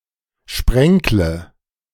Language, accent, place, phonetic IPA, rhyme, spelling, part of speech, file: German, Germany, Berlin, [ˈʃpʁɛŋklə], -ɛŋklə, sprenkle, verb, De-sprenkle.ogg
- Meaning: inflection of sprenkeln: 1. first-person singular present 2. first/third-person singular subjunctive I 3. singular imperative